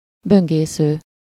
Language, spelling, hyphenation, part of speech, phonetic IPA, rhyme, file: Hungarian, böngésző, bön‧gé‧sző, verb / noun, [ˈbøŋɡeːsøː], -søː, Hu-böngésző.ogg
- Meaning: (verb) present participle of böngészik: browsing (person); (noun) browser